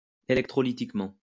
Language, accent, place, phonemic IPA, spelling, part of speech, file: French, France, Lyon, /e.lɛk.tʁɔ.li.tik.mɑ̃/, électrolytiquement, adverb, LL-Q150 (fra)-électrolytiquement.wav
- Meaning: electrolytically